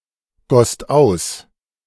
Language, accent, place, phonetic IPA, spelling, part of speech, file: German, Germany, Berlin, [ˌɡɔst ˈaʊ̯s], gosst aus, verb, De-gosst aus.ogg
- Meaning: second-person singular/plural preterite of ausgießen